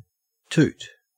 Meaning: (noun) 1. The noise of a horn or whistle 2. A fart; flatus 3. Cocaine 4. A portion of cocaine that a person snorts 5. A spree of drunkenness 6. Rubbish; tat
- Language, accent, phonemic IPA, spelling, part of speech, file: English, Australia, /ˈtʊt/, toot, noun / verb, En-au-toot.ogg